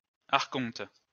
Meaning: archon
- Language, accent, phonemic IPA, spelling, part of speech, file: French, France, /aʁ.kɔ̃t/, archonte, noun, LL-Q150 (fra)-archonte.wav